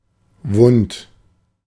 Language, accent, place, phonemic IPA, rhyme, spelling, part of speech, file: German, Germany, Berlin, /vʊnt/, -ʊnt, wund, adjective, De-wund.ogg
- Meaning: wounded, injured, sore